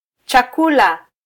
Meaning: food
- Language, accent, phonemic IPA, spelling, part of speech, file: Swahili, Kenya, /tʃɑˈku.lɑ/, chakula, noun, Sw-ke-chakula.flac